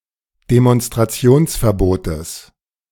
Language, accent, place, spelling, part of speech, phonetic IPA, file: German, Germany, Berlin, Demonstrationsverbotes, noun, [demɔnstʁaˈt͡si̯oːnsfɛɐ̯ˌboːtəs], De-Demonstrationsverbotes.ogg
- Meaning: genitive of Demonstrationsverbot